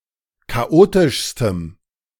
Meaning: strong dative masculine/neuter singular superlative degree of chaotisch
- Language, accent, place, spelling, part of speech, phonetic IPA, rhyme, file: German, Germany, Berlin, chaotischstem, adjective, [kaˈʔoːtɪʃstəm], -oːtɪʃstəm, De-chaotischstem.ogg